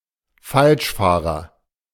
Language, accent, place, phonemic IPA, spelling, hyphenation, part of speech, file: German, Germany, Berlin, /ˈfalʃˌfaːʁɐ/, Falschfahrer, Falsch‧fah‧rer, noun, De-Falschfahrer.ogg
- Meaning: wrong-way driver